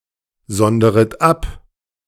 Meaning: second-person plural subjunctive I of absondern
- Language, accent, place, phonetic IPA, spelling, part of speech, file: German, Germany, Berlin, [ˌzɔndəʁət ˈap], sonderet ab, verb, De-sonderet ab.ogg